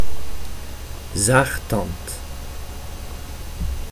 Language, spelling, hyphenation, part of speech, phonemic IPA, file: Dutch, zaagtand, zaag‧tand, noun, /ˈzaːx.tɑnt/, Nl-zaagtand.ogg
- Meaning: a sawtooth (cutting bit of a saw)